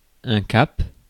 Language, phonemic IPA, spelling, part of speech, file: French, /kap/, cap, noun, Fr-cap.ogg
- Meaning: 1. cape 2. head 3. heading 4. goal, direction, course 5. cap (summit of a mountain)